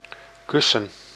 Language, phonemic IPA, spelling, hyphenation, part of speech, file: Dutch, /ˈkʏsə(n)/, kussen, kus‧sen, verb / noun, Nl-kussen.ogg
- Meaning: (verb) 1. to kiss, to give a kiss to 2. to practice kissing; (noun) 1. pillow, cushion 2. plural of kus